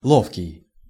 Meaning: 1. adroit, dexterous, deft 2. cunning, smart, crafty, never at a loss 3. comfortable
- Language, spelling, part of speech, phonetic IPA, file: Russian, ловкий, adjective, [ˈɫofkʲɪj], Ru-ловкий.ogg